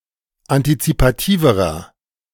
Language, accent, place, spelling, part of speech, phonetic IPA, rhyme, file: German, Germany, Berlin, antizipativerer, adjective, [antit͡sipaˈtiːvəʁɐ], -iːvəʁɐ, De-antizipativerer.ogg
- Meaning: inflection of antizipativ: 1. strong/mixed nominative masculine singular comparative degree 2. strong genitive/dative feminine singular comparative degree 3. strong genitive plural comparative degree